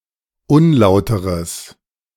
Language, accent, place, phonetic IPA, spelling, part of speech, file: German, Germany, Berlin, [ˈʊnˌlaʊ̯təʁəs], unlauteres, adjective, De-unlauteres.ogg
- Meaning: strong/mixed nominative/accusative neuter singular of unlauter